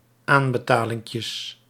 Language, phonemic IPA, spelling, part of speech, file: Dutch, /ˈambəˌtalɪŋkjəs/, aanbetalinkjes, noun, Nl-aanbetalinkjes.ogg
- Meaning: plural of aanbetalinkje